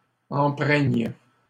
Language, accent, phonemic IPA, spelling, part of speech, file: French, Canada, /ɑ̃.pʁɛɲ/, empreignes, verb, LL-Q150 (fra)-empreignes.wav
- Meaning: second-person singular present subjunctive of empreindre